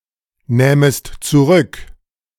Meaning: second-person singular subjunctive II of zurücknehmen
- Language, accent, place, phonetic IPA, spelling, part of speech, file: German, Germany, Berlin, [ˌnɛːməst t͡suˈʁʏk], nähmest zurück, verb, De-nähmest zurück.ogg